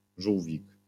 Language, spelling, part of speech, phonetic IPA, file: Polish, żółwik, noun, [ˈʒuwvʲik], LL-Q809 (pol)-żółwik.wav